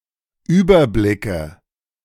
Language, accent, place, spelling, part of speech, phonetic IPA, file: German, Germany, Berlin, Überblicke, noun, [ˈyːbɐˌblɪkə], De-Überblicke.ogg
- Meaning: plural of Überblick